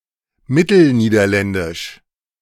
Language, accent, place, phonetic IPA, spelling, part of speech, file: German, Germany, Berlin, [ˈmɪtl̩ˌniːdɐlɛndɪʃ], Mittelniederländisch, noun, De-Mittelniederländisch.ogg
- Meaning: Middle Dutch (the Middle Dutch language)